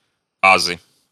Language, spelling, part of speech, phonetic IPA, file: Russian, азы, noun, [ɐˈzɨ], Ru-а́зы.ogg
- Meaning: 1. ABC, nuts and bolts, elements 2. nominative/accusative plural of аз (az)